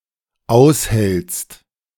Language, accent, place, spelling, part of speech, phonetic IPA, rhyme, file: German, Germany, Berlin, aushältst, verb, [ˈaʊ̯shɛlt͡st], -aʊ̯shɛlt͡st, De-aushältst.ogg
- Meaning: second-person singular dependent present of aushalten